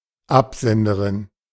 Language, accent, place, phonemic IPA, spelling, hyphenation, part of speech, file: German, Germany, Berlin, /ˈapzɛndəˌʁɪn/, Absenderin, Ab‧sen‧de‧rin, noun, De-Absenderin.ogg
- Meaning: female equivalent of Absender (“sender”)